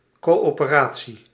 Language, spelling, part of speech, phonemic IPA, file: Dutch, coöperatie, noun, /ˌkoː.oː.pəˈraː.(t)si/, Nl-coöperatie.ogg
- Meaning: 1. cooperation 2. cooperative